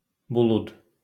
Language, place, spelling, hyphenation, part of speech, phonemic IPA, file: Azerbaijani, Baku, bulud, bu‧lud, noun, /buˈɫud/, LL-Q9292 (aze)-bulud.wav
- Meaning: cloud